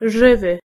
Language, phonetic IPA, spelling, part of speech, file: Polish, [ˈʒɨvɨ], żywy, adjective, Pl-żywy.ogg